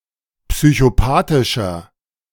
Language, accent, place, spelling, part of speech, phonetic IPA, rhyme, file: German, Germany, Berlin, psychopathischer, adjective, [psyçoˈpaːtɪʃɐ], -aːtɪʃɐ, De-psychopathischer.ogg
- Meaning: 1. comparative degree of psychopathisch 2. inflection of psychopathisch: strong/mixed nominative masculine singular 3. inflection of psychopathisch: strong genitive/dative feminine singular